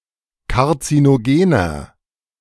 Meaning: 1. comparative degree of karzinogen 2. inflection of karzinogen: strong/mixed nominative masculine singular 3. inflection of karzinogen: strong genitive/dative feminine singular
- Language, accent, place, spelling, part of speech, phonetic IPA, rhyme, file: German, Germany, Berlin, karzinogener, adjective, [kaʁt͡sinoˈɡeːnɐ], -eːnɐ, De-karzinogener.ogg